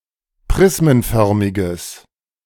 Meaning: strong/mixed nominative/accusative neuter singular of prismenförmig
- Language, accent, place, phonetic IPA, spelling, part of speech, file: German, Germany, Berlin, [ˈpʁɪsmənˌfœʁmɪɡəs], prismenförmiges, adjective, De-prismenförmiges.ogg